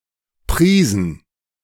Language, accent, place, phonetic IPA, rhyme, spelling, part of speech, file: German, Germany, Berlin, [ˈpʁiːzn̩], -iːzn̩, Prisen, noun, De-Prisen.ogg
- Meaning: plural of Prise